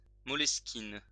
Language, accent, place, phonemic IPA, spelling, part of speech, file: French, France, Lyon, /mɔ.ləs.kin/, moleskine, noun, LL-Q150 (fra)-moleskine.wav
- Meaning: moleskin (fabric)